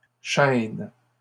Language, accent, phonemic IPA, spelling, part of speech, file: French, Canada, /ʃɛn/, chênes, noun, LL-Q150 (fra)-chênes.wav
- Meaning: plural of chêne